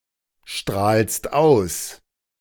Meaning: second-person singular present of ausstrahlen
- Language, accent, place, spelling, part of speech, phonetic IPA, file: German, Germany, Berlin, strahlst aus, verb, [ˌʃtʁaːlst ˈaʊ̯s], De-strahlst aus.ogg